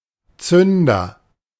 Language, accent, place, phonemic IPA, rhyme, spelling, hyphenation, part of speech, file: German, Germany, Berlin, /ˈtsʏndɐ/, -ʏndɐ, Zünder, Zün‧der, noun, De-Zünder.ogg
- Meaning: 1. fuze in an explosive, pyrotechnic device or military munition 2. matchsticks